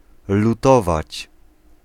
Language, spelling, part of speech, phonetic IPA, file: Polish, lutować, verb, [luˈtɔvat͡ɕ], Pl-lutować.ogg